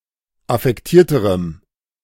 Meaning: strong dative masculine/neuter singular comparative degree of affektiert
- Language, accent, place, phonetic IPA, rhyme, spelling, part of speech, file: German, Germany, Berlin, [afɛkˈtiːɐ̯təʁəm], -iːɐ̯təʁəm, affektierterem, adjective, De-affektierterem.ogg